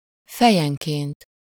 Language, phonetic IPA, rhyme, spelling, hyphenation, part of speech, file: Hungarian, [ˈfɛjɛŋkeːnt], -eːnt, fejenként, fe‧jen‧ként, adverb, Hu-fejenként.ogg
- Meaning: per head, per capita, per person